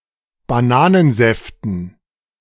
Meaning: dative plural of Bananensaft
- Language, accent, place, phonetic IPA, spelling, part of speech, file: German, Germany, Berlin, [baˈnaːnənˌzɛftn̩], Bananensäften, noun, De-Bananensäften.ogg